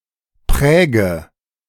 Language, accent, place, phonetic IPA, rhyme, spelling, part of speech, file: German, Germany, Berlin, [ˈpʁɛːɡə], -ɛːɡə, präge, verb, De-präge.ogg
- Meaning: inflection of prägen: 1. first-person singular present 2. first/third-person singular subjunctive I 3. singular imperative